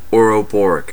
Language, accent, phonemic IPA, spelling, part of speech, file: English, US, /ɔɹəˈbɔɹɪk/, ouroboric, adjective, En-us-ouroboric.ogg
- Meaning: 1. Self-referring, self-reflexive, self-consuming; recursive 2. Relating to the Ouroboros, a snake eating its own tail